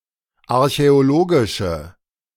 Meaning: inflection of archäologisch: 1. strong/mixed nominative/accusative feminine singular 2. strong nominative/accusative plural 3. weak nominative all-gender singular
- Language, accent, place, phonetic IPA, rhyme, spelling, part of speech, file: German, Germany, Berlin, [aʁçɛoˈloːɡɪʃə], -oːɡɪʃə, archäologische, adjective, De-archäologische.ogg